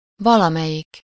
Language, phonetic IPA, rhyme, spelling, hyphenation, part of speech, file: Hungarian, [ˈvɒlɒmɛjik], -ik, valamelyik, va‧la‧me‧lyik, determiner / pronoun, Hu-valamelyik.ogg
- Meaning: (determiner) 1. one of (…) 2. any of (…); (pronoun) 1. one of them, one or the other 2. any (no matter which)